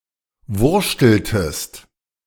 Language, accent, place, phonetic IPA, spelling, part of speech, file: German, Germany, Berlin, [ˈvʊʁʃtl̩təst], wurschteltest, verb, De-wurschteltest.ogg
- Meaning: inflection of wurschteln: 1. second-person singular preterite 2. second-person singular subjunctive II